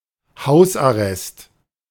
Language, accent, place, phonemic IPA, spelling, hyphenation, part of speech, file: German, Germany, Berlin, /ˈhaʊs.aˌrɛst/, Hausarrest, Haus‧ar‧rest, noun, De-Hausarrest.ogg
- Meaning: 1. house arrest (legal punishment) 2. grounding (children's punishment)